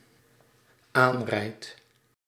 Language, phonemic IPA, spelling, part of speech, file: Dutch, /ˈanrɛit/, aanrijd, verb, Nl-aanrijd.ogg
- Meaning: first-person singular dependent-clause present indicative of aanrijden